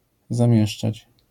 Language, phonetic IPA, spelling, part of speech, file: Polish, [zãˈmʲjɛʃt͡ʃat͡ɕ], zamieszczać, verb, LL-Q809 (pol)-zamieszczać.wav